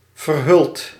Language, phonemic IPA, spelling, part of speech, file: Dutch, /vərˈhʏlt/, verhuld, verb, Nl-verhuld.ogg
- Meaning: past participle of verhullen